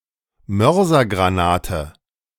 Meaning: mortar shell
- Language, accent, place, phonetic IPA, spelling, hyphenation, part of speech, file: German, Germany, Berlin, [ˈmœʁzɐɡʁaˌnaːtə], Mörsergranate, Mör‧ser‧gra‧na‧te, noun, De-Mörsergranate.ogg